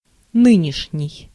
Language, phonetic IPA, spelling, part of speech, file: Russian, [ˈnɨnʲɪʂnʲɪj], нынешний, adjective, Ru-нынешний.ogg
- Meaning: present, today's